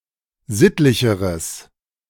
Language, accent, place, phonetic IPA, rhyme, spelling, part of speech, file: German, Germany, Berlin, [ˈzɪtlɪçəʁəs], -ɪtlɪçəʁəs, sittlicheres, adjective, De-sittlicheres.ogg
- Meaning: strong/mixed nominative/accusative neuter singular comparative degree of sittlich